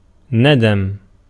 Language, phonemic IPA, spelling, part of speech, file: Arabic, /na.dam/, ندم, noun, Ar-ندم.ogg
- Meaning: 1. verbal noun of نَدِمَ (nadima) (form I) 2. regret